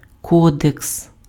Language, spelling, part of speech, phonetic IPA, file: Ukrainian, кодекс, noun, [ˈkɔdeks], Uk-кодекс.ogg
- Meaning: 1. code 2. codex (early manuscript book)